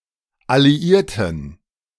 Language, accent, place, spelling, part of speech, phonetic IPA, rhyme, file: German, Germany, Berlin, Alliierten, noun, [aliˈʔiːɐ̯tn̩], -iːɐ̯tn̩, De-Alliierten.ogg
- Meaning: plural of Alliierte